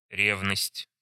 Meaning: jealousy
- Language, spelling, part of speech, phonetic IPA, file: Russian, ревность, noun, [ˈrʲevnəsʲtʲ], Ru-ревность.ogg